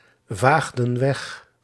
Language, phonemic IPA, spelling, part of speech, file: Dutch, /ˈvaɣdə(n) ˈwɛx/, vaagden weg, verb, Nl-vaagden weg.ogg
- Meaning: inflection of wegvagen: 1. plural past indicative 2. plural past subjunctive